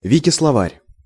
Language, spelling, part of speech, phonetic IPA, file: Russian, Викисловарь, proper noun, [vʲɪkʲɪsɫɐˈvarʲ], Ru-Викисловарь.ogg
- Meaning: 1. Wiktionary 2. Russian Wiktionary